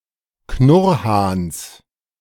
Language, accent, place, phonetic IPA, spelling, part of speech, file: German, Germany, Berlin, [ˈknʊʁhaːns], Knurrhahns, noun, De-Knurrhahns.ogg
- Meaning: genitive of Knurrhahn